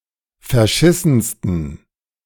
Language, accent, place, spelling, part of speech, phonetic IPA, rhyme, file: German, Germany, Berlin, verschissensten, adjective, [fɛɐ̯ˈʃɪsn̩stən], -ɪsn̩stən, De-verschissensten.ogg
- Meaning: 1. superlative degree of verschissen 2. inflection of verschissen: strong genitive masculine/neuter singular superlative degree